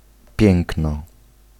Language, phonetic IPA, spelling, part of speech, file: Polish, [ˈpʲjɛ̃ŋknɔ], piękno, noun, Pl-piękno.ogg